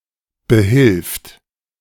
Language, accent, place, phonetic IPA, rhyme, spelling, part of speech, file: German, Germany, Berlin, [bəˈhɪlft], -ɪlft, behilft, verb, De-behilft.ogg
- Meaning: third-person singular present of behelfen